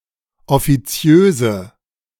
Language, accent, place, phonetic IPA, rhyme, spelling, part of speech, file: German, Germany, Berlin, [ɔfiˈt͡si̯øːzə], -øːzə, offiziöse, adjective, De-offiziöse.ogg
- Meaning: inflection of offiziös: 1. strong/mixed nominative/accusative feminine singular 2. strong nominative/accusative plural 3. weak nominative all-gender singular